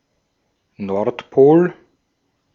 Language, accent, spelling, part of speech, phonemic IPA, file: German, Austria, Nordpol, noun, /ˈnɔʁtˌpoːl/, De-at-Nordpol.ogg
- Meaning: North Pole; north pole